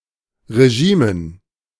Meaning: dative plural of Regime
- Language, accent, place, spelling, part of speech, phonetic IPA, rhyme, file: German, Germany, Berlin, Regimen, noun, [ʁeˈʒiːmən], -iːmən, De-Regimen.ogg